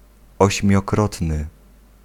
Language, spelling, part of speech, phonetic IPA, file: Polish, ośmiokrotny, adjective, [ˌɔɕmʲjɔˈkrɔtnɨ], Pl-ośmiokrotny.ogg